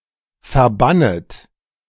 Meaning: second-person plural subjunctive I of verbannen
- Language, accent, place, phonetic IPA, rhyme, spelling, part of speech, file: German, Germany, Berlin, [fɛɐ̯ˈbanət], -anət, verbannet, verb, De-verbannet.ogg